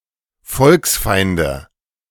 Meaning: 1. nominative/accusative/genitive plural of Volksfeind 2. dative of Volksfeind
- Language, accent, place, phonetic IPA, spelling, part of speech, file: German, Germany, Berlin, [ˈfɔlksˌfaɪ̯ndə], Volksfeinde, noun, De-Volksfeinde.ogg